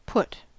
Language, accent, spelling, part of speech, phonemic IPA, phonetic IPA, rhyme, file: English, US, put, verb / noun, /pʊt/, [pʰʊʔt], -ʊt, En-us-put.ogg
- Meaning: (verb) 1. To physically place (sth or sb swh) 2. To place in abstract; to attach or attribute; to assign 3. To bring or set (into a certain relation, state or condition)